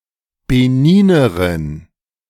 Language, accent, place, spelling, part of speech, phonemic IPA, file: German, Germany, Berlin, Beninerin, noun, /beˈniːnɐʁɪn/, De-Beninerin.ogg
- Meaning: female Beninese (person)